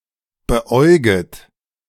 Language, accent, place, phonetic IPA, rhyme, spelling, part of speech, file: German, Germany, Berlin, [bəˈʔɔɪ̯ɡət], -ɔɪ̯ɡət, beäuget, verb, De-beäuget.ogg
- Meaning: second-person plural subjunctive I of beäugen